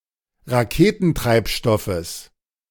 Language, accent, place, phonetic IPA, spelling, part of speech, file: German, Germany, Berlin, [ʁaˈkeːtn̩ˌtʁaɪ̯pʃtɔfəs], Raketentreibstoffes, noun, De-Raketentreibstoffes.ogg
- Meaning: genitive singular of Raketentreibstoff